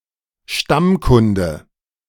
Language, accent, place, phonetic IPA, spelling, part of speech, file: German, Germany, Berlin, [ˈʃtamˌkʊndə], Stammkunde, noun, De-Stammkunde.ogg
- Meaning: regular customer, patron